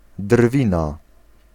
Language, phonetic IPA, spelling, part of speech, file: Polish, [ˈdrvʲĩna], drwina, noun, Pl-drwina.ogg